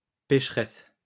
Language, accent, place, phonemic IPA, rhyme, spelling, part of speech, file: French, France, Lyon, /pɛʃ.ʁɛs/, -ɛs, pécheresse, adjective / noun, LL-Q150 (fra)-pécheresse.wav
- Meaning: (adjective) feminine singular of pécheur; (noun) female equivalent of pécheur: sinner